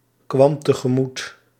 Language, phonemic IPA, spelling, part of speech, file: Dutch, /ˈkwɑm təɣəˈmut/, kwam tegemoet, verb, Nl-kwam tegemoet.ogg
- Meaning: singular past indicative of tegemoetkomen